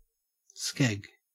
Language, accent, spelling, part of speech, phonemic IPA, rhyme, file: English, Australia, skeg, noun, /skɛɡ/, -ɛɡ, En-au-skeg.ogg
- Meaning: 1. A fin-like structure to the rear of the keel of a vessel that supports the rudder and protects a propeller 2. A similar construction on a boat that acts as a keel